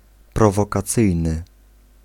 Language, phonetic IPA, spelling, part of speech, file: Polish, [ˌprɔvɔkaˈt͡sɨjnɨ], prowokacyjny, adjective, Pl-prowokacyjny.ogg